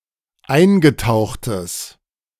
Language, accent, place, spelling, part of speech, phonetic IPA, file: German, Germany, Berlin, eingetauchtes, adjective, [ˈaɪ̯nɡəˌtaʊ̯xtəs], De-eingetauchtes.ogg
- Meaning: strong/mixed nominative/accusative neuter singular of eingetaucht